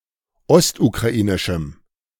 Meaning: strong dative masculine/neuter singular of ostukrainisch
- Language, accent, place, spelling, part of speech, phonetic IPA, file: German, Germany, Berlin, ostukrainischem, adjective, [ˈɔstukʁaˌʔiːnɪʃm̩], De-ostukrainischem.ogg